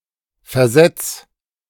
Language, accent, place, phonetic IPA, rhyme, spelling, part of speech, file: German, Germany, Berlin, [fɛɐ̯ˈzɛt͡s], -ɛt͡s, versetz, verb, De-versetz.ogg
- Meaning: 1. singular imperative of versetzen 2. first-person singular present of versetzen